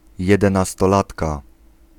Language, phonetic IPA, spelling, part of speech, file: Polish, [ˌjɛdɛ̃nastɔˈlatka], jedenastolatka, noun, Pl-jedenastolatka.ogg